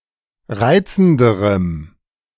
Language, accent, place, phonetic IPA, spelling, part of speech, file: German, Germany, Berlin, [ˈʁaɪ̯t͡sn̩dəʁəm], reizenderem, adjective, De-reizenderem.ogg
- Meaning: strong dative masculine/neuter singular comparative degree of reizend